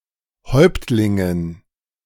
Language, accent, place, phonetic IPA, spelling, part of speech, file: German, Germany, Berlin, [ˈhɔɪ̯ptlɪŋən], Häuptlingen, noun, De-Häuptlingen.ogg
- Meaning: dative plural of Häuptling